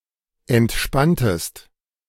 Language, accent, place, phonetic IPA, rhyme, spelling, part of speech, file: German, Germany, Berlin, [ɛntˈʃpantəst], -antəst, entspanntest, verb, De-entspanntest.ogg
- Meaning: inflection of entspannen: 1. second-person singular preterite 2. second-person singular subjunctive II